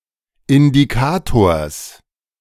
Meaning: genitive singular of Indikator
- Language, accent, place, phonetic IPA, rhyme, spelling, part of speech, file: German, Germany, Berlin, [ɪndiˈkaːtoːɐ̯s], -aːtoːɐ̯s, Indikators, noun, De-Indikators.ogg